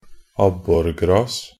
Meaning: alternative spelling of abborgress
- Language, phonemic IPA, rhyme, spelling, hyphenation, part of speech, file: Norwegian Bokmål, /ˈabːɔrɡrɑːs/, -ɑːs, abborgras, ab‧bor‧gras, noun, Nb-abborgras.ogg